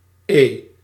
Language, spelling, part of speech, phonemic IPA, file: Dutch, E, character, /eː/, Nl-E.ogg
- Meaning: The fifth letter of the Dutch alphabet, written in the Latin script